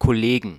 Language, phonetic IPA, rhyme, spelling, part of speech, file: German, [kɔˈleːɡn̩], -eːɡn̩, Kollegen, noun, De-Kollegen.ogg
- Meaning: plural of Kollege